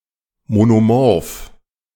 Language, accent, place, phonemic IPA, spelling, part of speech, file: German, Germany, Berlin, /monoˈmɔʁf/, monomorph, adjective, De-monomorph.ogg
- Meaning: monomorphic